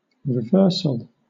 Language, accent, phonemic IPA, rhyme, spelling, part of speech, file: English, Southern England, /ɹɪˈvɜː(ɹ)səl/, -ɜː(ɹ)səl, reversal, noun / adjective, LL-Q1860 (eng)-reversal.wav
- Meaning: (noun) 1. The state of being reversed 2. An instance of reversing 3. A change to an opposite direction 4. A change in fortune; a change from being successful to having problems